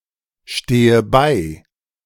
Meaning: inflection of beistehen: 1. first-person singular present 2. first/third-person singular subjunctive I 3. singular imperative
- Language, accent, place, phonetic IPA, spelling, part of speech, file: German, Germany, Berlin, [ˌʃteːə ˈbaɪ̯], stehe bei, verb, De-stehe bei.ogg